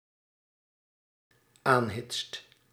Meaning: second/third-person singular dependent-clause present indicative of aanhitsen
- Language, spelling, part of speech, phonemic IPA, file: Dutch, aanhitst, verb, /ˈanhɪtst/, Nl-aanhitst.ogg